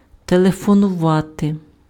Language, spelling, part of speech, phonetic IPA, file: Ukrainian, телефонувати, verb, [teɫefɔnʊˈʋate], Uk-телефонувати.ogg
- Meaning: to phone, call